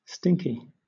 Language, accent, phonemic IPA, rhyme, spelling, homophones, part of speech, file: English, Southern England, /ˈstɪŋki/, -ɪŋki, stinky, Stinky, adjective / noun, LL-Q1860 (eng)-stinky.wav
- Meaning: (adjective) 1. Having a strong, unpleasant smell; stinking 2. Bad, undesirable; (noun) A bowel movement; feces or diarrhoea